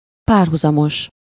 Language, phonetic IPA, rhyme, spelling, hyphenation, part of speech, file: Hungarian, [ˈpaːrɦuzɒmoʃ], -oʃ, párhuzamos, pár‧hu‧za‧mos, adjective / noun, Hu-párhuzamos.ogg
- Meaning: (adjective) 1. parallel (equally distant from one another at all points; parallel to something: -val/-vel) 2. parallel (having the same overall direction; to something: -val/-vel)